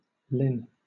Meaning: To desist, to stop, to cease
- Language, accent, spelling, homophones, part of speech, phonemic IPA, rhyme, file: English, Southern England, lin, linn / Lynn / lyn, verb, /lɪn/, -ɪn, LL-Q1860 (eng)-lin.wav